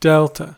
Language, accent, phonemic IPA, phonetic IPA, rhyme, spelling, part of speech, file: English, US, /ˈdɛltə/, [ˈdɛɫtə], -ɛltə, delta, noun / verb, En-us-delta.ogg
- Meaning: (noun) 1. The fourth letter of the modern Greek alphabet Δ, δ 2. A landform at the mouth of a river where it empties into a body of water